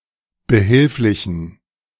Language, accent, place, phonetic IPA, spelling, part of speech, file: German, Germany, Berlin, [bəˈhɪlflɪçn̩], behilflichen, adjective, De-behilflichen.ogg
- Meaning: inflection of behilflich: 1. strong genitive masculine/neuter singular 2. weak/mixed genitive/dative all-gender singular 3. strong/weak/mixed accusative masculine singular 4. strong dative plural